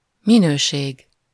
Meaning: 1. quality (level of excellence) 2. capacity (the social role assumed in a given situation)
- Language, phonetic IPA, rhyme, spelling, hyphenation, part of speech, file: Hungarian, [ˈminøːʃeːɡ], -eːɡ, minőség, mi‧nő‧ség, noun, Hu-minőség.ogg